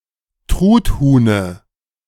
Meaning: dative of Truthuhn
- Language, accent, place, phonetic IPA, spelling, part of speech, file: German, Germany, Berlin, [ˈtʁutˌhuːnə], Truthuhne, noun, De-Truthuhne.ogg